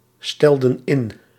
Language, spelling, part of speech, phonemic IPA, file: Dutch, stelden in, verb, /ˈstɛldə(n) ˈɪn/, Nl-stelden in.ogg
- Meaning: inflection of instellen: 1. plural past indicative 2. plural past subjunctive